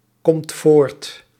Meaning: inflection of voortkomen: 1. second/third-person singular present indicative 2. plural imperative
- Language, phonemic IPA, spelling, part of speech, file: Dutch, /ˈkɔmt ˈvort/, komt voort, verb, Nl-komt voort.ogg